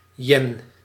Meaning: yen, Japanese monetary unit and coin
- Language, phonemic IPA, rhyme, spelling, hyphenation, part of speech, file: Dutch, /jɛn/, -ɛn, yen, yen, noun, Nl-yen.ogg